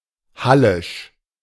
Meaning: Halle (related to Halle (Saale) (in any of its meanings))
- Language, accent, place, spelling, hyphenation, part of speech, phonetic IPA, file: German, Germany, Berlin, hallisch, hal‧lisch, adjective, [ˈhalɪʃ], De-hallisch.ogg